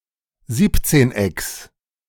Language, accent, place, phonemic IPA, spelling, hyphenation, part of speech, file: German, Germany, Berlin, /ˈziːptseːnˌ.ɛks/, Siebzehnecks, Sieb‧zehn‧ecks, noun, De-Siebzehnecks.ogg
- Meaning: genitive singular of Siebzehneck